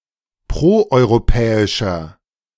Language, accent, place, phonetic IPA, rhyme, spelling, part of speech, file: German, Germany, Berlin, [ˌpʁoʔɔɪ̯ʁoˈpɛːɪʃɐ], -ɛːɪʃɐ, proeuropäischer, adjective, De-proeuropäischer.ogg
- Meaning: 1. comparative degree of proeuropäisch 2. inflection of proeuropäisch: strong/mixed nominative masculine singular 3. inflection of proeuropäisch: strong genitive/dative feminine singular